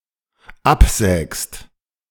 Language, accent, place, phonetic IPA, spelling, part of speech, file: German, Germany, Berlin, [ˈapˌzɛːkst], absägst, verb, De-absägst.ogg
- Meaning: second-person singular dependent present of absägen